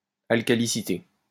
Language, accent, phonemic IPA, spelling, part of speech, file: French, France, /al.ka.li.si.te/, alcalicité, noun, LL-Q150 (fra)-alcalicité.wav
- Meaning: synonym of alcalinité